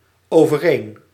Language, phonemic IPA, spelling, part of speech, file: Dutch, /ˌovəˈren/, overeen, adverb, Nl-overeen.ogg
- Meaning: equal, matching (often used with komen...met)